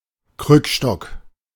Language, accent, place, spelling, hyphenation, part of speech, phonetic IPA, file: German, Germany, Berlin, Krückstock, Krück‧stock, noun, [ˈkʁʏkˌʃtɔk], De-Krückstock.ogg
- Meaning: walking stick